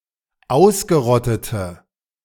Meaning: inflection of ausgerottet: 1. strong/mixed nominative/accusative feminine singular 2. strong nominative/accusative plural 3. weak nominative all-gender singular
- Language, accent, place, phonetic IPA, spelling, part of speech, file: German, Germany, Berlin, [ˈaʊ̯sɡəˌʁɔtətə], ausgerottete, adjective, De-ausgerottete.ogg